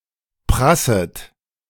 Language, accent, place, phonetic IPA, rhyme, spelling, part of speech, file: German, Germany, Berlin, [ˈpʁasət], -asət, prasset, verb, De-prasset.ogg
- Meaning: second-person plural subjunctive I of prassen